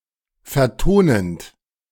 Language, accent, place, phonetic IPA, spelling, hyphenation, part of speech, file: German, Germany, Berlin, [fɛɐ̯ˈtoːnənt], vertonend, ver‧to‧nend, verb, De-vertonend.ogg
- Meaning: present participle of vertonen